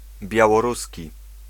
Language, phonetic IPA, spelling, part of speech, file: Polish, [ˌbʲjawɔˈrusʲci], białoruski, adjective / noun, Pl-białoruski.ogg